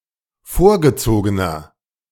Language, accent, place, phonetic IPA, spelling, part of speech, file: German, Germany, Berlin, [ˈfoːɐ̯ɡəˌt͡soːɡənɐ], vorgezogener, adjective, De-vorgezogener.ogg
- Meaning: 1. comparative degree of vorgezogen 2. inflection of vorgezogen: strong/mixed nominative masculine singular 3. inflection of vorgezogen: strong genitive/dative feminine singular